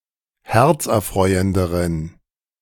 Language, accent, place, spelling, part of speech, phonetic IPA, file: German, Germany, Berlin, herzerfreuenderen, adjective, [ˈhɛʁt͡sʔɛɐ̯ˌfʁɔɪ̯əndəʁən], De-herzerfreuenderen.ogg
- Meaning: inflection of herzerfreuend: 1. strong genitive masculine/neuter singular comparative degree 2. weak/mixed genitive/dative all-gender singular comparative degree